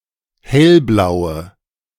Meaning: inflection of hellblau: 1. strong/mixed nominative/accusative feminine singular 2. strong nominative/accusative plural 3. weak nominative all-gender singular
- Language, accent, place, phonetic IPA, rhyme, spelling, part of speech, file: German, Germany, Berlin, [ˈhɛlˌblaʊ̯ə], -ɛlblaʊ̯ə, hellblaue, adjective, De-hellblaue.ogg